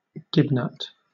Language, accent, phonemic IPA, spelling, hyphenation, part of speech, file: English, Southern England, /ˈɡɪbnʌt/, gibnut, gib‧nut, noun, LL-Q1860 (eng)-gibnut.wav
- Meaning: A paca (“a large rodent of the genus Cuniculus native to Central America and South America, which has dark brown or black fur, a white or yellowish underbelly and rows of white spots along the sides”)